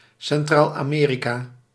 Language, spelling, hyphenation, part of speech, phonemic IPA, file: Dutch, Centraal-Amerika, Cen‧traal-Ame‧ri‧ka, proper noun, /sɛnˌtraːl.aːˈmeː.ri.kaː/, Nl-Centraal-Amerika.ogg
- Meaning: Central America (a continental region in North America, consisting of the countries lying between Mexico and South America) (either with or without the West Indies in the Caribbean Sea)